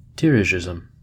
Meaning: A policy of strong state control over the economy and related social matters
- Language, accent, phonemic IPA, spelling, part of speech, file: English, US, /ˈdiɚɹɪʒɪz(ə)m/, dirigisme, noun, En-us-dirigisme.ogg